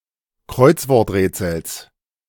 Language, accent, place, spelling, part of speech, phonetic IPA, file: German, Germany, Berlin, Kreuzworträtsels, noun, [ˈkʁɔɪ̯t͡svɔʁtˌʁɛːt͡sl̩s], De-Kreuzworträtsels.ogg
- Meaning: genitive singular of Kreuzworträtsel